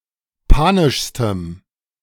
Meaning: strong dative masculine/neuter singular superlative degree of panisch
- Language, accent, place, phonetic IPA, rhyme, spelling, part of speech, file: German, Germany, Berlin, [ˈpaːnɪʃstəm], -aːnɪʃstəm, panischstem, adjective, De-panischstem.ogg